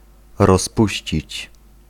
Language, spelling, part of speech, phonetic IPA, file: Polish, rozpuścić, verb, [rɔsˈpuɕt͡ɕit͡ɕ], Pl-rozpuścić.ogg